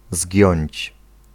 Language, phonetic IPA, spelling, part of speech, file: Polish, [zʲɟɔ̇̃ɲt͡ɕ], zgiąć, verb, Pl-zgiąć.ogg